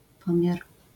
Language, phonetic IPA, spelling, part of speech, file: Polish, [ˈpɔ̃mʲjar], pomiar, noun, LL-Q809 (pol)-pomiar.wav